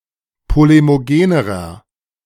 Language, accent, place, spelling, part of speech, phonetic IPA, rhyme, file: German, Germany, Berlin, polemogenerer, adjective, [ˌpolemoˈɡeːnəʁɐ], -eːnəʁɐ, De-polemogenerer.ogg
- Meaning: inflection of polemogen: 1. strong/mixed nominative masculine singular comparative degree 2. strong genitive/dative feminine singular comparative degree 3. strong genitive plural comparative degree